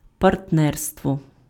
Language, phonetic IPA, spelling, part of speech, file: Ukrainian, [pɐrtˈnɛrstwɔ], партнерство, noun, Uk-партнерство.ogg
- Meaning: partnership